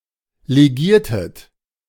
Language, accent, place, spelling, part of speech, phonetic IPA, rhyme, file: German, Germany, Berlin, legiertet, verb, [leˈɡiːɐ̯tət], -iːɐ̯tət, De-legiertet.ogg
- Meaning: inflection of legieren: 1. second-person plural preterite 2. second-person plural subjunctive II